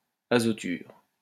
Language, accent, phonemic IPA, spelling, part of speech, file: French, France, /a.zɔ.tyʁ/, azoture, noun, LL-Q150 (fra)-azoture.wav
- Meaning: nitride